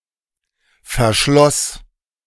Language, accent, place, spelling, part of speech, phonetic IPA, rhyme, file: German, Germany, Berlin, verschloss, verb, [fɛɐ̯ˈʃlɔs], -ɔs, De-verschloss.ogg
- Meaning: first/third-person singular preterite of verschließen